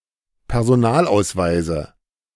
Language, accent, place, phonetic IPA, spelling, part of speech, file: German, Germany, Berlin, [pɛʁzoˈnaːlʔaʊ̯sˌvaɪ̯zə], Personalausweise, noun, De-Personalausweise.ogg
- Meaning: nominative/accusative/genitive plural of Personalausweis